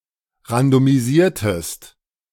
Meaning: inflection of randomisieren: 1. second-person singular preterite 2. second-person singular subjunctive II
- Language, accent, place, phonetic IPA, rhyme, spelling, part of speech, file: German, Germany, Berlin, [ʁandomiˈziːɐ̯təst], -iːɐ̯təst, randomisiertest, verb, De-randomisiertest.ogg